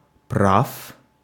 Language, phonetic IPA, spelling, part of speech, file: Russian, [praf], прав, adjective / noun, Ru-прав.ogg
- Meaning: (adjective) short masculine singular of пра́вый (právyj); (noun) 1. genitive plural of пра́во (právo, “right”) 2. genitive of права́ (pravá, “driver's licence”)